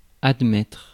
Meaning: 1. to admit, to accept, to recognize 2. to admit (into), to accept (into) (a hospital or a university)
- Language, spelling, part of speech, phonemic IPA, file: French, admettre, verb, /ad.mɛtʁ/, Fr-admettre.ogg